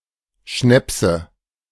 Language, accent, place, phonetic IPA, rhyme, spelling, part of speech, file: German, Germany, Berlin, [ˈʃnɛpsə], -ɛpsə, Schnäpse, noun, De-Schnäpse.ogg
- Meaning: nominative/accusative/genitive plural of Schnaps